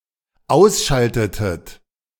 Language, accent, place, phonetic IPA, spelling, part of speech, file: German, Germany, Berlin, [ˈaʊ̯sˌʃaltətət], ausschaltetet, verb, De-ausschaltetet.ogg
- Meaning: inflection of ausschalten: 1. second-person plural dependent preterite 2. second-person plural dependent subjunctive II